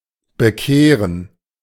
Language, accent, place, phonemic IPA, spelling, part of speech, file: German, Germany, Berlin, /bəˈkeːʁən/, bekehren, verb, De-bekehren.ogg
- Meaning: to convert